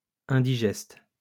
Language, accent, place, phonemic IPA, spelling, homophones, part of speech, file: French, France, Lyon, /ɛ̃.di.ʒɛst/, indigeste, indigestes, adjective, LL-Q150 (fra)-indigeste.wav
- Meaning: 1. indigestible; heavy on the stomach, stodgy 2. indigestible, heavy